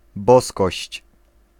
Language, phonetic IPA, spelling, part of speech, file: Polish, [ˈbɔskɔɕt͡ɕ], boskość, noun, Pl-boskość.ogg